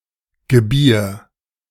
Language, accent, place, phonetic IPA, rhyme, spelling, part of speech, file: German, Germany, Berlin, [ɡəˈbiːɐ̯], -iːɐ̯, gebier, verb, De-gebier.ogg
- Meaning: singular imperative of gebären